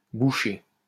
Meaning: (verb) past participle of boucher; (adjective) 1. stuffy, stuffed up, blocked up, clogged up 2. thick, dumb
- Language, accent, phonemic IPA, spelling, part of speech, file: French, France, /bu.ʃe/, bouché, verb / adjective, LL-Q150 (fra)-bouché.wav